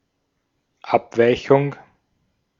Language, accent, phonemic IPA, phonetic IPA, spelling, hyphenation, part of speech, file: German, Austria, /ˈapˌvaɪ̯çʊŋ/, [ˈʔapˌvaɪ̯çʊŋ], Abweichung, Ab‧wei‧chung, noun, De-at-Abweichung.ogg
- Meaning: aberration, deviation